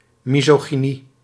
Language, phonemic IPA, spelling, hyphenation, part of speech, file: Dutch, /ˌmizoɣiˈni/, misogynie, mi‧so‧gy‧nie, noun, Nl-misogynie.ogg
- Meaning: misogyny